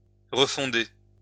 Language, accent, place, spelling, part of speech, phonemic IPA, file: French, France, Lyon, refonder, verb, /ʁə.fɔ̃.de/, LL-Q150 (fra)-refonder.wav
- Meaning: to refound